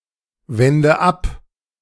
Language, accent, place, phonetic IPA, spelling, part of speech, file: German, Germany, Berlin, [ˌvɛndə ˈap], wende ab, verb, De-wende ab.ogg
- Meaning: inflection of abwenden: 1. first-person singular present 2. first/third-person singular subjunctive I 3. singular imperative